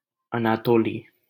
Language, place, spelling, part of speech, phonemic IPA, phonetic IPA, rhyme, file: Hindi, Delhi, अनातोली, proper noun, /ə.nɑː.t̪oː.liː/, [ɐ.näː.t̪oː.liː], -oːliː, LL-Q1568 (hin)-अनातोली.wav
- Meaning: a male given name from Russian, equivalent to English Anatoli